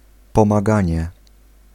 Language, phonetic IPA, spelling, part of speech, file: Polish, [ˌpɔ̃maˈɡãɲɛ], pomaganie, noun, Pl-pomaganie.ogg